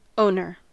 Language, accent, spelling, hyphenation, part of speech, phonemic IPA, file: English, US, owner, own‧er, noun, /ˈoʊnɚ/, En-us-owner.ogg
- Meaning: 1. One who owns something 2. The captain of a ship